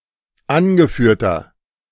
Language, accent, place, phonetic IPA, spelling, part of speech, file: German, Germany, Berlin, [ˈanɡəˌfyːɐ̯tɐ], angeführter, adjective, De-angeführter.ogg
- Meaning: inflection of angeführt: 1. strong/mixed nominative masculine singular 2. strong genitive/dative feminine singular 3. strong genitive plural